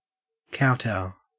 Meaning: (verb) 1. To kneel and bow low enough to touch one’s forehead to the ground 2. To grovel, act in a very submissive manner; to show obeisance to (someone or something) in such a manner; to bow
- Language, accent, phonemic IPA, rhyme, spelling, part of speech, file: English, Australia, /ˈkaʊˌtaʊ/, -aʊ, kowtow, verb / noun, En-au-kowtow.ogg